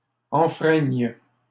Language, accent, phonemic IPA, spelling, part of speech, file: French, Canada, /ɑ̃.fʁɛɲ/, enfreigne, verb, LL-Q150 (fra)-enfreigne.wav
- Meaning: first/third-person singular present subjunctive of enfreindre